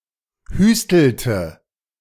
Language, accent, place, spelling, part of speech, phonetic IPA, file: German, Germany, Berlin, hüstelte, verb, [ˈhyːstl̩tə], De-hüstelte.ogg
- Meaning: inflection of hüsteln: 1. first/third-person singular preterite 2. first/third-person singular subjunctive II